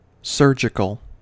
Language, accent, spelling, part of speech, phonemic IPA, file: English, US, surgical, adjective, /ˈsɝd͡ʒɪkəl/, En-us-surgical.ogg
- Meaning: 1. Of, relating to, used in, or resulting from surgery 2. Precise or very accurate 3. Excruciatingly or wearyingly drawn-out